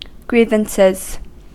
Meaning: plural of grievance
- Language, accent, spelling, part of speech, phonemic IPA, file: English, US, grievances, noun, /ˈɡɹiː.vən.sɪz/, En-us-grievances.ogg